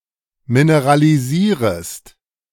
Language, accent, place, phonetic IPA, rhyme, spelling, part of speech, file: German, Germany, Berlin, [minəʁaliˈziːʁəst], -iːʁəst, mineralisierest, verb, De-mineralisierest.ogg
- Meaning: second-person singular subjunctive I of mineralisieren